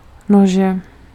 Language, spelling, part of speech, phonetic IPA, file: Czech, nože, noun, [ˈnoʒɛ], Cs-nože.ogg
- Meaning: inflection of nůž: 1. genitive singular 2. nominative/accusative/vocative plural